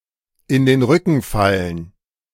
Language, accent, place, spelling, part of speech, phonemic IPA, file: German, Germany, Berlin, in den Rücken fallen, verb, /ɪn deːn ˈʁʏkn̩ ˈfalən/, De-in den Rücken fallen.ogg
- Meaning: to stab in the back